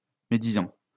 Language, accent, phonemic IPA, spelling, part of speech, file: French, France, /me.di.zɑ̃/, médisant, verb / adjective / noun, LL-Q150 (fra)-médisant.wav
- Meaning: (verb) present participle of médire; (adjective) slanderous, defamatory; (noun) rumormonger